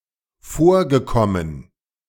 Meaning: past participle of vorkommen
- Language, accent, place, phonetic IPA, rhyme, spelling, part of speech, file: German, Germany, Berlin, [ˈfoːɐ̯ɡəˌkɔmən], -oːɐ̯ɡəkɔmən, vorgekommen, verb, De-vorgekommen.ogg